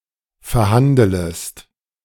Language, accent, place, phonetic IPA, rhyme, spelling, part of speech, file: German, Germany, Berlin, [fɛɐ̯ˈhandələst], -andələst, verhandelest, verb, De-verhandelest.ogg
- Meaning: second-person singular subjunctive I of verhandeln